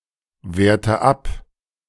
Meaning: inflection of abwerten: 1. first-person singular present 2. first/third-person singular subjunctive I 3. singular imperative
- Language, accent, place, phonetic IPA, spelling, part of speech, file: German, Germany, Berlin, [ˌveːɐ̯tə ˈap], werte ab, verb, De-werte ab.ogg